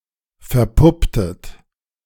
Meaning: inflection of verpuppen: 1. second-person plural preterite 2. second-person plural subjunctive II
- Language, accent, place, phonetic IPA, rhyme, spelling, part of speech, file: German, Germany, Berlin, [fɛɐ̯ˈpʊptət], -ʊptət, verpupptet, verb, De-verpupptet.ogg